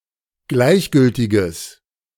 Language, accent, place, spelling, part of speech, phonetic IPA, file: German, Germany, Berlin, gleichgültiges, adjective, [ˈɡlaɪ̯çˌɡʏltɪɡəs], De-gleichgültiges.ogg
- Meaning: strong/mixed nominative/accusative neuter singular of gleichgültig